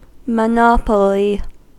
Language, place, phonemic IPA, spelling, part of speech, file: English, California, /məˈnɑpəli/, monopoly, noun, En-us-monopoly.ogg